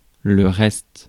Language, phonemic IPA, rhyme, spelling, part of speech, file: French, /ʁɛst/, -ɛst, reste, noun / verb, Fr-reste.ogg
- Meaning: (noun) 1. rest, remainder 2. a trace or vestige which remains 3. remainder; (verb) inflection of rester: first/third-person singular present indicative/subjunctive